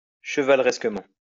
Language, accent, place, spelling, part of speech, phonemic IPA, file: French, France, Lyon, chevaleresquement, adverb, /ʃə.val.ʁɛs.kə.mɑ̃/, LL-Q150 (fra)-chevaleresquement.wav
- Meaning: chivalrously